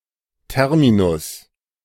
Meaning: term (word or phrase, especially one from a specialized area of knowledge, i.e., a technical term)
- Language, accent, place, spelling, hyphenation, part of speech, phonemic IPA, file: German, Germany, Berlin, Terminus, Ter‧mi‧nus, noun, /ˈtɛʁmiːnʊs/, De-Terminus.ogg